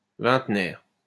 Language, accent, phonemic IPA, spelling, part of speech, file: French, France, /vɛ̃t.nɛʁ/, vingtenaire, adjective / noun, LL-Q150 (fra)-vingtenaire.wav
- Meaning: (adjective) twentysomething; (noun) 1. vicenarian, twentysomething 2. twentieth anniversary